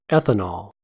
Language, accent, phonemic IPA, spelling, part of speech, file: English, General American, /ˈɛθ.ə.nɑl/, ethanol, noun, En-us-ethanol.ogg
- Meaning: 1. A simple aliphatic alcohol formally derived from ethane by replacing one hydrogen atom with a hydroxyl group: CH₃-CH₂-OH 2. Specifically, this form of alcohol as a fuel